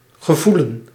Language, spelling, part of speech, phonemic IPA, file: Dutch, gevoelen, verb / noun, /ɣəˈvulə(n)/, Nl-gevoelen.ogg
- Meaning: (verb) to feel; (noun) 1. feeling 2. belief, faith